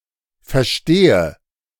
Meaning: inflection of verstehen: 1. first-person singular present 2. singular imperative
- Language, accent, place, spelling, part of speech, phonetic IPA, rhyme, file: German, Germany, Berlin, verstehe, verb, [fɛɐ̯ˈʃteːə], -eːə, De-verstehe.ogg